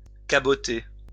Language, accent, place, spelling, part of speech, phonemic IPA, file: French, France, Lyon, caboter, verb, /ka.bɔ.te/, LL-Q150 (fra)-caboter.wav
- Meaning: 1. to coast, to hug the coastline (to travel by the coast) 2. to transport goods or passenger, to provide cabotage